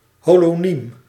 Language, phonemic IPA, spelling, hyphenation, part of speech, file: Dutch, /holoˈnim/, holoniem, ho‧lo‧niem, noun, Nl-holoniem.ogg
- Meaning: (noun) a term that denotes a whole whose part is denoted by another term, such as 'face' in relation to 'eye'; a holonym; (adjective) holonymous